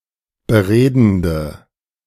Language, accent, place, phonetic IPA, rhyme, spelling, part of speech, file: German, Germany, Berlin, [bəˈʁeːdn̩də], -eːdn̩də, beredende, adjective, De-beredende.ogg
- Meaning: inflection of beredend: 1. strong/mixed nominative/accusative feminine singular 2. strong nominative/accusative plural 3. weak nominative all-gender singular